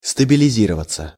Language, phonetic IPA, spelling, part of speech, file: Russian, [stəbʲɪlʲɪˈzʲirəvət͡sə], стабилизироваться, verb, Ru-стабилизироваться.ogg
- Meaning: 1. to stabilize, to become stable 2. passive of стабилизи́ровать (stabilizírovatʹ)